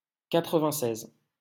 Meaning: ninety-six
- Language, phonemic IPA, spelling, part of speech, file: French, /ka.tʁə.vɛ̃.sɛz/, quatre-vingt-seize, numeral, LL-Q150 (fra)-quatre-vingt-seize.wav